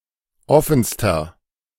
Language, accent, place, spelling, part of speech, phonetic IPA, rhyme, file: German, Germany, Berlin, offenster, adjective, [ˈɔfn̩stɐ], -ɔfn̩stɐ, De-offenster.ogg
- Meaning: inflection of offen: 1. strong/mixed nominative masculine singular superlative degree 2. strong genitive/dative feminine singular superlative degree 3. strong genitive plural superlative degree